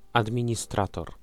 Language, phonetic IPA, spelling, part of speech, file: Polish, [ˌadmʲĩɲiˈstratɔr], administrator, noun, Pl-administrator.ogg